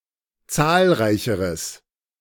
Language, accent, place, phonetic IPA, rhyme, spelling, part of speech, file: German, Germany, Berlin, [ˈt͡saːlˌʁaɪ̯çəʁəs], -aːlʁaɪ̯çəʁəs, zahlreicheres, adjective, De-zahlreicheres.ogg
- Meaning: strong/mixed nominative/accusative neuter singular comparative degree of zahlreich